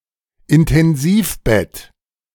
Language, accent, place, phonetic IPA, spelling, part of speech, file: German, Germany, Berlin, [ɪntɛnˈziːfˌbɛt], Intensivbett, noun, De-Intensivbett.ogg
- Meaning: ICU bed, intensive care bed